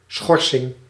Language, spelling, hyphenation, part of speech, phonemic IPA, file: Dutch, schorsing, schor‧sing, noun, /ˈsxɔrsɪŋ/, Nl-schorsing.ogg
- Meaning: 1. a suspension, interrupting a proceeding 2. a suspended status, notably as a sanction